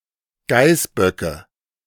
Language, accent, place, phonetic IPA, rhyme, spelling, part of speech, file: German, Germany, Berlin, [ˈɡaɪ̯sˌbœkə], -aɪ̯sbœkə, Geißböcke, noun, De-Geißböcke.ogg
- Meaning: nominative/accusative/genitive plural of Geißbock